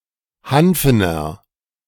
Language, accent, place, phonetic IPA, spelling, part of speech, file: German, Germany, Berlin, [ˈhanfənɐ], hanfener, adjective, De-hanfener.ogg
- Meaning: inflection of hanfen: 1. strong/mixed nominative masculine singular 2. strong genitive/dative feminine singular 3. strong genitive plural